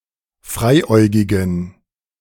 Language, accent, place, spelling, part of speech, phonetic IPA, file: German, Germany, Berlin, freiäugigen, adjective, [ˈfʁaɪ̯ˌʔɔɪ̯ɡɪɡŋ̍], De-freiäugigen.ogg
- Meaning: inflection of freiäugig: 1. strong genitive masculine/neuter singular 2. weak/mixed genitive/dative all-gender singular 3. strong/weak/mixed accusative masculine singular 4. strong dative plural